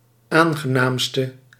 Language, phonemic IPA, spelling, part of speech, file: Dutch, /ˈaŋɣəˌnamstə/, aangenaamste, adjective, Nl-aangenaamste.ogg
- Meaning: inflection of aangenaamst, the superlative degree of aangenaam: 1. masculine/feminine singular attributive 2. definite neuter singular attributive 3. plural attributive